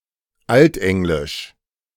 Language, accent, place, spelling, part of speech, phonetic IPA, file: German, Germany, Berlin, Altenglisch, noun, [ˈaltˌʔɛŋlɪʃ], De-Altenglisch.ogg
- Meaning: Anglo-Saxon (the Old English language)